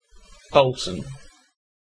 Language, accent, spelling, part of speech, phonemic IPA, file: English, UK, Bolton, proper noun, /bɒltən/, En-uk-Bolton.ogg
- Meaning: A place in the United Kingdom: A town and metropolitan borough of Greater Manchester, England